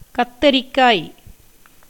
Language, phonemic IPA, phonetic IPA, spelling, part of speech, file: Tamil, /kɐt̪ːɐɾɪkːɑːj/, [kɐt̪ːɐɾɪkːäːj], கத்தரிக்காய், noun, Ta-கத்தரிக்காய்.ogg
- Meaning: the fruit brinjal, eggplant, aubergine (Solanum melongena)